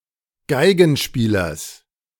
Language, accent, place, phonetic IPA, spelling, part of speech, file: German, Germany, Berlin, [ˈɡaɪ̯ɡn̩ˌʃpiːlɐs], Geigenspielers, noun, De-Geigenspielers.ogg
- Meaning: genitive of Geigenspieler